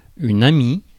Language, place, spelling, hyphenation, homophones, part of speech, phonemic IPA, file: French, Paris, amie, a‧mie, ami / amict / amicts / amies / amis, noun, /a.mi/, Fr-amie.ogg
- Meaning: friend